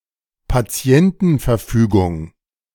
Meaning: advance directive
- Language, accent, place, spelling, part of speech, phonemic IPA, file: German, Germany, Berlin, Patientenverfügung, noun, /paˈt͡si̯ɛntn̩fɛɐ̯ˌfyːɡʊŋ/, De-Patientenverfügung.ogg